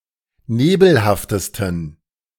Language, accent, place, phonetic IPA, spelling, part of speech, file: German, Germany, Berlin, [ˈneːbl̩haftəstn̩], nebelhaftesten, adjective, De-nebelhaftesten.ogg
- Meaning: 1. superlative degree of nebelhaft 2. inflection of nebelhaft: strong genitive masculine/neuter singular superlative degree